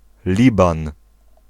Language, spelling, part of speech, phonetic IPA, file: Polish, Liban, proper noun, [ˈlʲibãn], Pl-Liban.ogg